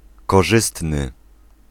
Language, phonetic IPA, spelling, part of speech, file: Polish, [kɔˈʒɨstnɨ], korzystny, adjective, Pl-korzystny.ogg